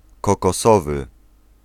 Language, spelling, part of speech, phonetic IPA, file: Polish, kokosowy, adjective, [ˌkɔkɔˈsɔvɨ], Pl-kokosowy.ogg